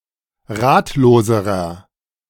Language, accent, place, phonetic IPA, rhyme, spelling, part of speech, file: German, Germany, Berlin, [ˈʁaːtloːzəʁɐ], -aːtloːzəʁɐ, ratloserer, adjective, De-ratloserer.ogg
- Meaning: inflection of ratlos: 1. strong/mixed nominative masculine singular comparative degree 2. strong genitive/dative feminine singular comparative degree 3. strong genitive plural comparative degree